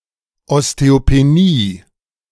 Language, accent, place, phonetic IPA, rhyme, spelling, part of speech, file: German, Germany, Berlin, [ɔsteopeˈniː], -iː, Osteopenie, noun, De-Osteopenie.ogg
- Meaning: osteopenia